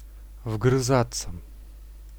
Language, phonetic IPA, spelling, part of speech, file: Russian, [vɡrɨˈzat͡sːə], вгрызаться, verb, Ru-вгрызаться.ogg
- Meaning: 1. to get/sink one's teeth (into) 2. to go deep (into), to bone up (on)